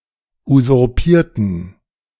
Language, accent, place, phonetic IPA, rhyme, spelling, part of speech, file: German, Germany, Berlin, [uzʊʁˈpiːɐ̯tn̩], -iːɐ̯tn̩, usurpierten, adjective / verb, De-usurpierten.ogg
- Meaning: inflection of usurpieren: 1. first/third-person plural preterite 2. first/third-person plural subjunctive II